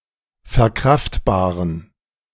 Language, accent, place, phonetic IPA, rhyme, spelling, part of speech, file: German, Germany, Berlin, [fɛɐ̯ˈkʁaftbaːʁən], -aftbaːʁən, verkraftbaren, adjective, De-verkraftbaren.ogg
- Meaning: inflection of verkraftbar: 1. strong genitive masculine/neuter singular 2. weak/mixed genitive/dative all-gender singular 3. strong/weak/mixed accusative masculine singular 4. strong dative plural